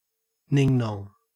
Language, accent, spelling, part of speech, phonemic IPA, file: English, Australia, ning-nong, noun, /ˈnɪŋˌnɔŋ/, En-au-ning-nong.ogg
- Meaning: A stupid person; an idiot